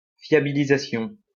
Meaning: reliability
- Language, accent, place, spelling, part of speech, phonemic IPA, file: French, France, Lyon, fiabilisation, noun, /fja.bi.li.za.sjɔ̃/, LL-Q150 (fra)-fiabilisation.wav